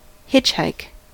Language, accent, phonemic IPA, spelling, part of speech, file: English, US, /ˈhɪt͡ʃhaɪk/, hitchhike, verb / noun, En-us-hitchhike.ogg
- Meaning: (verb) To try to get a ride in a passing vehicle while standing at the side of a road, generally by either sticking out one's finger or thumb or holding a sign with one's stated destination